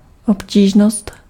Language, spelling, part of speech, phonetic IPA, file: Czech, obtížnost, noun, [ˈopciːʒnost], Cs-obtížnost.ogg
- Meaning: difficulty (state or degree of being difficult)